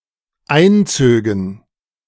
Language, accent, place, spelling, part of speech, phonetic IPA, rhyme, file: German, Germany, Berlin, einzögen, verb, [ˈaɪ̯nˌt͡søːɡn̩], -aɪ̯nt͡søːɡn̩, De-einzögen.ogg
- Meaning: first/third-person plural dependent subjunctive II of einziehen